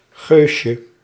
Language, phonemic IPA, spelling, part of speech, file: Dutch, /ˈɣøʃə/, geusje, noun, Nl-geusje.ogg
- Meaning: diminutive of geus